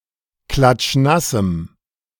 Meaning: strong dative masculine/neuter singular of klatschnass
- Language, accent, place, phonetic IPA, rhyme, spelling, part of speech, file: German, Germany, Berlin, [ˌklat͡ʃˈnasm̩], -asm̩, klatschnassem, adjective, De-klatschnassem.ogg